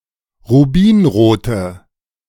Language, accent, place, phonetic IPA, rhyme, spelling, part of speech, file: German, Germany, Berlin, [ʁuˈbiːnʁoːtə], -iːnʁoːtə, rubinrote, adjective, De-rubinrote.ogg
- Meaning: inflection of rubinrot: 1. strong/mixed nominative/accusative feminine singular 2. strong nominative/accusative plural 3. weak nominative all-gender singular